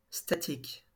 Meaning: static, motionless
- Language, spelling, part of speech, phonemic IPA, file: French, statique, adjective, /sta.tik/, LL-Q150 (fra)-statique.wav